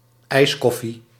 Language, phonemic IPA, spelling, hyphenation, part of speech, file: Dutch, /ˈɛi̯sˌkɔ.fi/, ijskoffie, ijs‧kof‧fie, noun, Nl-ijskoffie.ogg
- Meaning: iced coffee; a serving of iced coffee